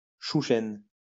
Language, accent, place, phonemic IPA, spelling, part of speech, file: French, France, Lyon, /ʃu.ʃɛn/, chouchen, noun, LL-Q150 (fra)-chouchen.wav
- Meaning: a type of mead popular in Brittany